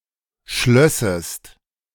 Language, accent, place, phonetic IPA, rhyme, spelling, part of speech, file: German, Germany, Berlin, [ˈʃlœsəst], -œsəst, schlössest, verb, De-schlössest.ogg
- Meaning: second-person singular subjunctive II of schließen